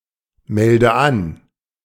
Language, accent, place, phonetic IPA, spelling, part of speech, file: German, Germany, Berlin, [ˌmɛldə ˈan], melde an, verb, De-melde an.ogg
- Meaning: inflection of anmelden: 1. first-person singular present 2. first/third-person singular subjunctive I 3. singular imperative